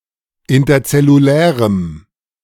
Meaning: strong dative masculine/neuter singular of interzellulär
- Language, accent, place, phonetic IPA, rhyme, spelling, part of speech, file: German, Germany, Berlin, [ˌɪntɐt͡sɛluˈlɛːʁəm], -ɛːʁəm, interzellulärem, adjective, De-interzellulärem.ogg